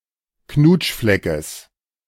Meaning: genitive of Knutschfleck
- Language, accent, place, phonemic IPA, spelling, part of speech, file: German, Germany, Berlin, /ˈknuːtʃflɛkəs/, Knutschfleckes, noun, De-Knutschfleckes.ogg